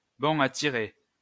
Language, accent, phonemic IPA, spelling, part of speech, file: French, France, /bɔ̃ a ti.ʁe/, bon à tirer, adjective / noun, LL-Q150 (fra)-bon à tirer.wav
- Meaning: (adjective) Ready for press; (noun) Forthcoming book or manuscript